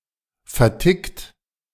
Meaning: 1. past participle of verticken 2. inflection of verticken: third-person singular present 3. inflection of verticken: second-person plural present 4. inflection of verticken: plural imperative
- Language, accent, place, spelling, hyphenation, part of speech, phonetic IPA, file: German, Germany, Berlin, vertickt, ver‧tickt, verb, [fɛɐ̯ˈtɪkt], De-vertickt.ogg